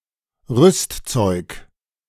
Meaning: 1. know-how, skills needed for a task 2. a field of expertise needed for a task 3. equipment
- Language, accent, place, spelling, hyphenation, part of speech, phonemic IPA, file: German, Germany, Berlin, Rüstzeug, Rüst‧zeug, noun, /ˈʁʏstˌt͡sɔɪ̯k/, De-Rüstzeug.ogg